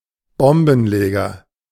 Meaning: 1. bomber; bomb planter (person who secretly sets a bomb and leaves) 2. a member of the far left, (by extension) hippie, freak 3. a person of markedly Muslim, particularly Salafi, appearance
- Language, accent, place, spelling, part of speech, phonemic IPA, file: German, Germany, Berlin, Bombenleger, noun, /ˈbɔmbn̩ˌleːɡɐ/, De-Bombenleger.ogg